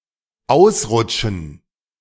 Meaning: to slip (to lose traction with one or both feet, resulting in a loss of balance and perhaps a fall)
- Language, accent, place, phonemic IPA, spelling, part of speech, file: German, Germany, Berlin, /ˈaʊ̯s.ʁʊtʃən/, ausrutschen, verb, De-ausrutschen.ogg